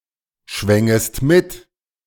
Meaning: second-person singular subjunctive II of mitschwingen
- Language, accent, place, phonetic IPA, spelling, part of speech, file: German, Germany, Berlin, [ˌʃvɛŋəst ˈmɪt], schwängest mit, verb, De-schwängest mit.ogg